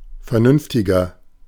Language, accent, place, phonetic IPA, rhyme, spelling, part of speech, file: German, Germany, Berlin, [fɛɐ̯ˈnʏnftɪɡɐ], -ʏnftɪɡɐ, vernünftiger, adjective, De-vernünftiger.ogg
- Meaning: 1. comparative degree of vernünftig 2. inflection of vernünftig: strong/mixed nominative masculine singular 3. inflection of vernünftig: strong genitive/dative feminine singular